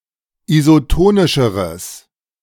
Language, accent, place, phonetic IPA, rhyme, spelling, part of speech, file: German, Germany, Berlin, [izoˈtoːnɪʃəʁəs], -oːnɪʃəʁəs, isotonischeres, adjective, De-isotonischeres.ogg
- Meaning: strong/mixed nominative/accusative neuter singular comparative degree of isotonisch